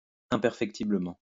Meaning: imperfectibly
- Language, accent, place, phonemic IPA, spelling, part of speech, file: French, France, Lyon, /ɛ̃.pɛʁ.fɛk.ti.blə.mɑ̃/, imperfectiblement, adverb, LL-Q150 (fra)-imperfectiblement.wav